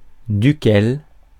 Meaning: of which, of whom, from which, from whom
- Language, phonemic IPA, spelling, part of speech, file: French, /dy.kɛl/, duquel, pronoun, Fr-duquel.ogg